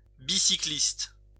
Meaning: synonym of cycliste
- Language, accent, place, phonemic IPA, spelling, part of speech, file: French, France, Lyon, /bi.si.klist/, bicycliste, noun, LL-Q150 (fra)-bicycliste.wav